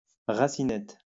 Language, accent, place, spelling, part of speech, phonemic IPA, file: French, France, Lyon, racinette, noun, /ʁa.si.nɛt/, LL-Q150 (fra)-racinette.wav
- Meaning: root beer